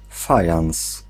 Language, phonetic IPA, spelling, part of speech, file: Polish, [ˈfajãw̃s], fajans, noun, Pl-fajans.ogg